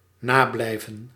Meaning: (verb) to stay behind (remain after class, as punishment); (noun) detention
- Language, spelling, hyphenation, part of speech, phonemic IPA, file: Dutch, nablijven, na‧blij‧ven, verb / noun, /ˈnaːˌblɛi̯.və(n)/, Nl-nablijven.ogg